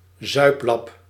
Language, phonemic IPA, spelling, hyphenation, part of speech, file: Dutch, /ˈzœy̯p.lɑp/, zuiplap, zuip‧lap, noun, Nl-zuiplap.ogg
- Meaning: drunkard, drunk